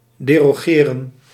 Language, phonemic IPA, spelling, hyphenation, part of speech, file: Dutch, /deːroːˈɣeːrə(n)/, derogeren, de‧ro‧ge‧ren, verb, Nl-derogeren.ogg
- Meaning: to repeal, to annul (a law or a tradition)